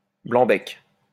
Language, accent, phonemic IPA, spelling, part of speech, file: French, France, /blɑ̃.bɛk/, blanc-bec, noun, LL-Q150 (fra)-blanc-bec.wav
- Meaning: greenhorn